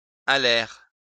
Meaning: third-person plural past historic of aller
- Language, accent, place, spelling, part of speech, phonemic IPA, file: French, France, Lyon, allèrent, verb, /a.lɛʁ/, LL-Q150 (fra)-allèrent.wav